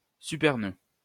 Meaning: supernode
- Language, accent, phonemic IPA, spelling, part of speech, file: French, France, /sy.pɛʁ.nø/, supernœud, noun, LL-Q150 (fra)-supernœud.wav